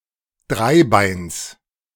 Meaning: genitive of Dreibein
- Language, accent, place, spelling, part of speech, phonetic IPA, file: German, Germany, Berlin, Dreibeins, noun, [ˈdʁaɪ̯ˌbaɪ̯ns], De-Dreibeins.ogg